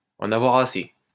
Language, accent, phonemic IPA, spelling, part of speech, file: French, France, /ɑ̃.n‿a.vwa.ʁ‿a.se/, en avoir assez, verb, LL-Q150 (fra)-en avoir assez.wav
- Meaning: to be fed up, to have had enough, to have had it